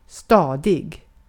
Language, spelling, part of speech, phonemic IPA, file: Swedish, stadig, adjective, /stɑːˈdɪɡ/, Sv-stadig.ogg
- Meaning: steady, even, strong